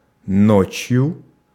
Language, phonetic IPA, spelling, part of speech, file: Russian, [ˈnot͡ɕjʊ], ночью, adverb / noun, Ru-ночью.ogg
- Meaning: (adverb) at night, by night; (noun) instrumental singular of ночь (nočʹ)